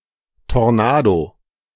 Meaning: tornado
- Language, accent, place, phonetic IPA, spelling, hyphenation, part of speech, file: German, Germany, Berlin, [tɔʁˈnaːdo], Tornado, Tor‧na‧do, noun, De-Tornado.ogg